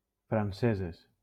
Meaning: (adjective) feminine plural of francès (Valencian: francés)
- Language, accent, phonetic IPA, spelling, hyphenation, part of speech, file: Catalan, Valencia, [fɾanˈse.zes], franceses, fran‧ce‧ses, adjective / noun, LL-Q7026 (cat)-franceses.wav